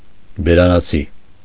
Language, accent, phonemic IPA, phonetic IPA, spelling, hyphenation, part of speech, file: Armenian, Eastern Armenian, /beɾɑnɑˈt͡sʰi/, [beɾɑnɑt͡sʰí], բերանացի, բե‧րա‧նա‧ցի, adverb, Hy-բերանացի.ogg
- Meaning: 1. by heart, by rote 2. orally